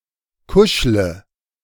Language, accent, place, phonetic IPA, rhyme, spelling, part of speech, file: German, Germany, Berlin, [ˈkʊʃlə], -ʊʃlə, kuschle, verb, De-kuschle.ogg
- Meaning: inflection of kuscheln: 1. first-person singular present 2. singular imperative 3. first/third-person singular subjunctive I